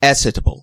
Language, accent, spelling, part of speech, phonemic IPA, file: English, US, acetable, noun, /ˈæ.sɪ.tə.bəl/, En-us-acetable.ogg
- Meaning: 1. An ancient Roman measure, equivalent to about one eighth of a pint 2. An acetabulum